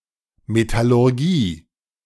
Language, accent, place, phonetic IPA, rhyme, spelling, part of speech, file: German, Germany, Berlin, [metalʊʁˈɡiː], -iː, Metallurgie, noun, De-Metallurgie.ogg
- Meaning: metallurgy (science of metals)